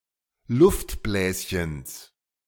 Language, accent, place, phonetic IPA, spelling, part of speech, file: German, Germany, Berlin, [ˈlʊftˌblɛːsçəns], Luftbläschens, noun, De-Luftbläschens.ogg
- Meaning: genitive singular of Luftbläschen